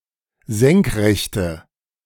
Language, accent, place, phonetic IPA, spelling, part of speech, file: German, Germany, Berlin, [ˈzɛŋkˌʁɛçtə], senkrechte, adjective, De-senkrechte.ogg
- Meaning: inflection of senkrecht: 1. strong/mixed nominative/accusative feminine singular 2. strong nominative/accusative plural 3. weak nominative all-gender singular